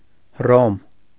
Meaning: 1. Rome (a major city, the capital of Italy and the Italian region of Lazio, located on the Tiber River; the ancient capital of the Roman Empire) 2. Rome (a metropolitan city of Lazio, Italy)
- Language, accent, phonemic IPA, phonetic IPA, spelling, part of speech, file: Armenian, Eastern Armenian, /h(ə)ˈrom/, [h(ə)róm], Հռոմ, proper noun, Hy-Հռոմ.ogg